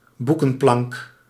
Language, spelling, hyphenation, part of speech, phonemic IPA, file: Dutch, boekenplank, boe‧ken‧plank, noun, /ˈbu.kə(n)ˌplɑŋk/, Nl-boekenplank.ogg
- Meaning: a bookshelf